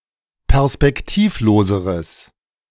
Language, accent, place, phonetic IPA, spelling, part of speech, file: German, Germany, Berlin, [pɛʁspɛkˈtiːfˌloːzəʁəs], perspektivloseres, adjective, De-perspektivloseres.ogg
- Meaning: strong/mixed nominative/accusative neuter singular comparative degree of perspektivlos